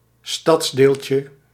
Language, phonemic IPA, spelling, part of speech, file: Dutch, /ˈstɑtsdelcə/, stadsdeeltje, noun, Nl-stadsdeeltje.ogg
- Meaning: diminutive of stadsdeel